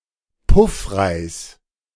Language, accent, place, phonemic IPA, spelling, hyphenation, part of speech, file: German, Germany, Berlin, /ˈpʊfʁaɪ̯s/, Puffreis, Puff‧reis, noun, De-Puffreis.ogg
- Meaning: puffed rice